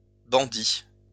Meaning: plural of bandit
- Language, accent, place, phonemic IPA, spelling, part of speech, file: French, France, Lyon, /bɑ̃.di/, bandits, noun, LL-Q150 (fra)-bandits.wav